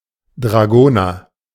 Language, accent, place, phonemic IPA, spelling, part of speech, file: German, Germany, Berlin, /dʁaˈɡoːnɐ/, Dragoner, noun, De-Dragoner.ogg
- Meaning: 1. a dragoon 2. the back clasp on a jacket